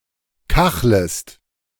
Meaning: second-person singular subjunctive I of kacheln
- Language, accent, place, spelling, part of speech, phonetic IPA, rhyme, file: German, Germany, Berlin, kachlest, verb, [ˈkaxləst], -axləst, De-kachlest.ogg